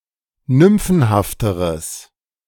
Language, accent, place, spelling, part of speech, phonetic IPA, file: German, Germany, Berlin, nymphenhafteres, adjective, [ˈnʏmfn̩haftəʁəs], De-nymphenhafteres.ogg
- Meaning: strong/mixed nominative/accusative neuter singular comparative degree of nymphenhaft